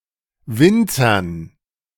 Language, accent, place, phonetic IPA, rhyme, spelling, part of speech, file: German, Germany, Berlin, [ˈvɪnt͡sɐn], -ɪnt͡sɐn, Winzern, noun, De-Winzern.ogg
- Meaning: dative plural of Winzer